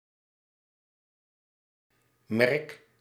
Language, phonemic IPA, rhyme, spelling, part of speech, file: Dutch, /mɛrk/, -ɛrk, merk, noun / verb, Nl-merk.ogg
- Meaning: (noun) 1. mark 2. logo 3. brand; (verb) inflection of merken: 1. first-person singular present indicative 2. second-person singular present indicative 3. imperative